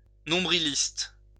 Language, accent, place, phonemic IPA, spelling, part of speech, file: French, France, Lyon, /nɔ̃.bʁi.list/, nombriliste, adjective, LL-Q150 (fra)-nombriliste.wav
- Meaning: 1. self-absorbed; egocentric 2. parochial